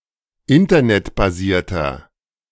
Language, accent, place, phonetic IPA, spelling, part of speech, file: German, Germany, Berlin, [ˈɪntɐnɛtbaˌziːɐ̯tɐ], internetbasierter, adjective, De-internetbasierter.ogg
- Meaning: inflection of internetbasiert: 1. strong/mixed nominative masculine singular 2. strong genitive/dative feminine singular 3. strong genitive plural